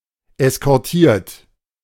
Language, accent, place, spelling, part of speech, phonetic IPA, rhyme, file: German, Germany, Berlin, eskortiert, verb, [ɛskɔʁˈtiːɐ̯t], -iːɐ̯t, De-eskortiert.ogg
- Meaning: 1. past participle of eskortieren 2. inflection of eskortieren: third-person singular present 3. inflection of eskortieren: second-person plural present 4. inflection of eskortieren: plural imperative